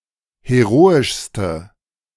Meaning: inflection of heroisch: 1. strong/mixed nominative/accusative feminine singular superlative degree 2. strong nominative/accusative plural superlative degree
- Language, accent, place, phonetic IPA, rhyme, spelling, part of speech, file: German, Germany, Berlin, [heˈʁoːɪʃstə], -oːɪʃstə, heroischste, adjective, De-heroischste.ogg